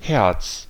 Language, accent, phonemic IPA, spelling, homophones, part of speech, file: German, Germany, /hɛrts/, Herz, Hertz, noun, De-Herz.ogg
- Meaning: 1. heart 2. hearts 3. sweetheart, darling